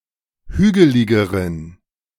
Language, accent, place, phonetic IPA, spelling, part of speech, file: German, Germany, Berlin, [ˈhyːɡəlɪɡəʁən], hügeligeren, adjective, De-hügeligeren.ogg
- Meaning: inflection of hügelig: 1. strong genitive masculine/neuter singular comparative degree 2. weak/mixed genitive/dative all-gender singular comparative degree